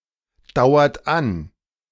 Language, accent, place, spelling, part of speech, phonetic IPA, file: German, Germany, Berlin, dauert an, verb, [ˌdaʊ̯ɐt ˈan], De-dauert an.ogg
- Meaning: inflection of andauern: 1. second-person plural present 2. third-person singular present 3. plural imperative